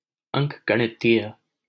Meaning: arithmetic, arithmetical
- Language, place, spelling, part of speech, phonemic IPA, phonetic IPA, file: Hindi, Delhi, अंकगणितीय, adjective, /əŋk.ɡə.ɳɪ.t̪iː.jᵊ/, [ɐ̃ŋk̚.ɡɐ.ɳɪ.t̪iː.jᵊ], LL-Q1568 (hin)-अंकगणितीय.wav